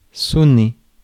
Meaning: 1. to sound 2. to ring
- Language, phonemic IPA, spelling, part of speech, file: French, /sɔ.ne/, sonner, verb, Fr-sonner.ogg